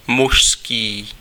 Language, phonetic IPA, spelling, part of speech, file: Czech, [ˈmuʃskiː], mužský, adjective / noun, Cs-mužský.ogg
- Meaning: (adjective) masculine; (noun) man